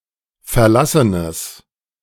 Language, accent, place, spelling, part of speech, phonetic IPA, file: German, Germany, Berlin, verlassenes, adjective, [fɛɐ̯ˈlasənəs], De-verlassenes.ogg
- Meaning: strong/mixed nominative/accusative neuter singular of verlassen